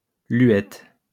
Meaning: uvula
- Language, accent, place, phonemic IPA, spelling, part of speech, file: French, France, Lyon, /lɥɛt/, luette, noun, LL-Q150 (fra)-luette.wav